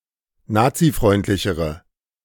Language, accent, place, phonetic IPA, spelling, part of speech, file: German, Germany, Berlin, [ˈnaːt͡siˌfʁɔɪ̯ntlɪçəʁə], nazifreundlichere, adjective, De-nazifreundlichere.ogg
- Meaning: inflection of nazifreundlich: 1. strong/mixed nominative/accusative feminine singular comparative degree 2. strong nominative/accusative plural comparative degree